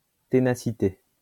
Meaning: tenacity
- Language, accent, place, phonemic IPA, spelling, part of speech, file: French, France, Lyon, /te.na.si.te/, ténacité, noun, LL-Q150 (fra)-ténacité.wav